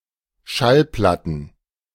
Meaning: plural of Schallplatte
- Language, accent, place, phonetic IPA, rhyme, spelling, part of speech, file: German, Germany, Berlin, [ˈʃalˌplatn̩], -alplatn̩, Schallplatten, noun, De-Schallplatten.ogg